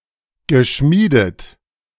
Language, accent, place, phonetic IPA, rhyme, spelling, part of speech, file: German, Germany, Berlin, [ɡəˈʃmiːdət], -iːdət, geschmiedet, verb, De-geschmiedet.ogg
- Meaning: past participle of schmieden